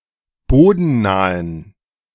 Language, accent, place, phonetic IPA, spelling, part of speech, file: German, Germany, Berlin, [ˈboːdn̩ˌnaːən], bodennahen, adjective, De-bodennahen.ogg
- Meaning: inflection of bodennah: 1. strong genitive masculine/neuter singular 2. weak/mixed genitive/dative all-gender singular 3. strong/weak/mixed accusative masculine singular 4. strong dative plural